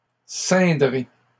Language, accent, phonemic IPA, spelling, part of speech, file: French, Canada, /sɛ̃.dʁe/, ceindrai, verb, LL-Q150 (fra)-ceindrai.wav
- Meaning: first-person singular simple future of ceindre